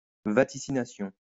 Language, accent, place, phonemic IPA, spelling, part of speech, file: French, France, Lyon, /va.ti.si.na.sjɔ̃/, vaticination, noun, LL-Q150 (fra)-vaticination.wav
- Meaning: vaticination